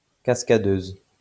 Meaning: female equivalent of cascadeur
- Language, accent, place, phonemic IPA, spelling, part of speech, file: French, France, Lyon, /kas.ka.døz/, cascadeuse, noun, LL-Q150 (fra)-cascadeuse.wav